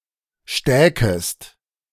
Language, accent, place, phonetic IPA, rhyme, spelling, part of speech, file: German, Germany, Berlin, [ˈʃtɛːkəst], -ɛːkəst, stäkest, verb, De-stäkest.ogg
- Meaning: second-person singular subjunctive II of stecken